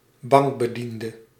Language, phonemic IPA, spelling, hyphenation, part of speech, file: Dutch, /ˈbɑŋk.bəˌdin.də/, bankbediende, bank‧be‧dien‧de, noun, Nl-bankbediende.ogg
- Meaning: a bank teller, cashier